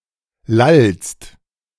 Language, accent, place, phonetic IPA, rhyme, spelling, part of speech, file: German, Germany, Berlin, [lalst], -alst, lallst, verb, De-lallst.ogg
- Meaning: second-person singular present of lallen